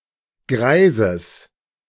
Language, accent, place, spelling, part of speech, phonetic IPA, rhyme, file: German, Germany, Berlin, Greises, noun, [ˈɡʁaɪ̯zəs], -aɪ̯zəs, De-Greises.ogg
- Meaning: genitive singular of Greis